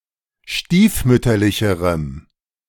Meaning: strong dative masculine/neuter singular comparative degree of stiefmütterlich
- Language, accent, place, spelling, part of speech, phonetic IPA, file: German, Germany, Berlin, stiefmütterlicherem, adjective, [ˈʃtiːfˌmʏtɐlɪçəʁəm], De-stiefmütterlicherem.ogg